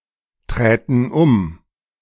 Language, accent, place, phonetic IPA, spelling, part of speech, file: German, Germany, Berlin, [ˌtʁɛːtn̩ ˈʊm], träten um, verb, De-träten um.ogg
- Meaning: first-person plural subjunctive II of umtreten